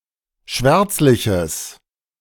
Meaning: strong/mixed nominative/accusative neuter singular of schwärzlich
- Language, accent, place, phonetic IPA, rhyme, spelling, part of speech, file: German, Germany, Berlin, [ˈʃvɛʁt͡slɪçəs], -ɛʁt͡slɪçəs, schwärzliches, adjective, De-schwärzliches.ogg